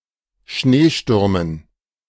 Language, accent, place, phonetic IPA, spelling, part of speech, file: German, Germany, Berlin, [ˈʃneːˌʃtʏʁmən], Schneestürmen, noun, De-Schneestürmen.ogg
- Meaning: dative plural of Schneesturm